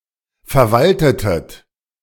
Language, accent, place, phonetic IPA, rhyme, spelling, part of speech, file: German, Germany, Berlin, [fɛɐ̯ˈvaltətət], -altətət, verwaltetet, verb, De-verwaltetet.ogg
- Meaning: inflection of verwalten: 1. second-person plural preterite 2. second-person plural subjunctive II